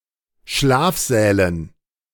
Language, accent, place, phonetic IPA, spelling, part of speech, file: German, Germany, Berlin, [ˈʃlaːfˌzɛːlən], Schlafsälen, noun, De-Schlafsälen.ogg
- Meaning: dative plural of Schlafsaal